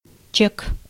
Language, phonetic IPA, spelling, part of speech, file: Russian, [t͡ɕek], чек, noun, Ru-чек.ogg
- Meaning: 1. cheque, check 2. receipt, bill 3. contraction of челове́к (čelovék)